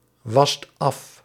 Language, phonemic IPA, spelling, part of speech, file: Dutch, /ˈwɑst ˈɑf/, wast af, verb, Nl-wast af.ogg
- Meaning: inflection of afwassen: 1. second/third-person singular present indicative 2. plural imperative